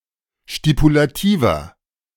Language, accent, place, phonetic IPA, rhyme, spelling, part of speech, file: German, Germany, Berlin, [ʃtipulaˈtiːvɐ], -iːvɐ, stipulativer, adjective, De-stipulativer.ogg
- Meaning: inflection of stipulativ: 1. strong/mixed nominative masculine singular 2. strong genitive/dative feminine singular 3. strong genitive plural